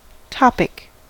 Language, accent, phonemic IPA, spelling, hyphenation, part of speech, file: English, US, /ˈtɑpɪk/, topic, top‧ic, adjective / noun, En-us-topic.ogg
- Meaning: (adjective) topical; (noun) 1. A subject; a theme; a category or general area of interest 2. A discussion thread 3. A component similar to a message queue which supports multiple subscribers